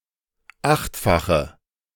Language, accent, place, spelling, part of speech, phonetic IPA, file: German, Germany, Berlin, achtfache, adjective, [ˈaxtfaxə], De-achtfache.ogg
- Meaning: inflection of achtfach: 1. strong/mixed nominative/accusative feminine singular 2. strong nominative/accusative plural 3. weak nominative all-gender singular